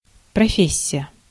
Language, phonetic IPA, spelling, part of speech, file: Russian, [prɐˈfʲesʲ(ː)ɪjə], профессия, noun, Ru-профессия.ogg
- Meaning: profession, occupation, trade